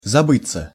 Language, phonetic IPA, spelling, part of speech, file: Russian, [zɐˈbɨt͡sːə], забыться, verb, Ru-забыться.ogg
- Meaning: 1. to doze, to drop off 2. to become oblivious, to lose contact with reality 3. to forget oneself, to cross the line of what is allowed or to lose control over oneself 4. passive of забы́ть (zabýtʹ)